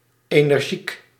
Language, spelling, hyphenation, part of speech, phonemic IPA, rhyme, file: Dutch, energiek, ener‧giek, adjective, /ˌeː.nərˈʒik/, -ik, Nl-energiek.ogg
- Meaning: energetic, lively (displaying a lot of energy through one's activity)